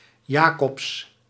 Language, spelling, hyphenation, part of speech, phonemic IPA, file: Dutch, Jacobs, Ja‧cobs, proper noun, /ˈjaː.kɔps/, Nl-Jacobs.ogg
- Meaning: a surname originating as a patronymic